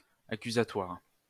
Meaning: accusatory
- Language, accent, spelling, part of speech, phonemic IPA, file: French, France, accusatoire, adjective, /a.ky.za.twaʁ/, LL-Q150 (fra)-accusatoire.wav